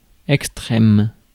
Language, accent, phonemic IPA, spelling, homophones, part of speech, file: French, France, /ɛk.stʁɛm/, extrême, extrêmes, adjective / noun, Fr-extrême.ogg
- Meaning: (adjective) extreme